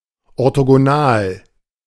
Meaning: orthogonal
- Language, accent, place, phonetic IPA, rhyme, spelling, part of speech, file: German, Germany, Berlin, [ɔʁtoɡoˈnaːl], -aːl, orthogonal, adjective, De-orthogonal.ogg